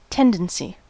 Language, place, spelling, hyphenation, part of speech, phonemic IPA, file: English, California, tendency, ten‧den‧cy, noun, /ˈtɛn.dən.si/, En-us-tendency.ogg
- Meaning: 1. A likelihood of behaving in a particular way or going in a particular direction; a tending toward 2. An organised unit or faction within a larger political organisation